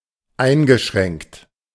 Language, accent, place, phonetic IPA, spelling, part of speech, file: German, Germany, Berlin, [ˈaɪ̯nɡəˌʃʁɛŋkt], eingeschränkt, verb / adjective, De-eingeschränkt.ogg
- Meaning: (verb) past participle of einschränken; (adjective) restricted, constrained, limited